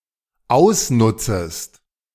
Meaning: second-person singular dependent subjunctive I of ausnutzen
- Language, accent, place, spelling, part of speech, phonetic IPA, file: German, Germany, Berlin, ausnutzest, verb, [ˈaʊ̯sˌnʊt͡səst], De-ausnutzest.ogg